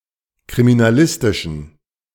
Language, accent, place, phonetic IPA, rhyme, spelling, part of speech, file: German, Germany, Berlin, [kʁiminaˈlɪstɪʃn̩], -ɪstɪʃn̩, kriminalistischen, adjective, De-kriminalistischen.ogg
- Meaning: inflection of kriminalistisch: 1. strong genitive masculine/neuter singular 2. weak/mixed genitive/dative all-gender singular 3. strong/weak/mixed accusative masculine singular 4. strong dative plural